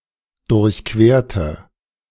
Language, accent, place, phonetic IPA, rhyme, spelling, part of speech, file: German, Germany, Berlin, [dʊʁçˈkveːɐ̯tə], -eːɐ̯tə, durchquerte, adjective / verb, De-durchquerte.ogg
- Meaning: inflection of durchqueren: 1. first/third-person singular preterite 2. first/third-person singular subjunctive II